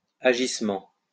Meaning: plural of agissement
- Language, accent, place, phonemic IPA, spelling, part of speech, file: French, France, Lyon, /a.ʒis.mɑ̃/, agissements, noun, LL-Q150 (fra)-agissements.wav